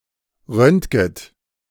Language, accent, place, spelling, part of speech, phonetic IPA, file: German, Germany, Berlin, röntget, verb, [ˈʁœntɡət], De-röntget.ogg
- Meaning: second-person plural subjunctive I of röntgen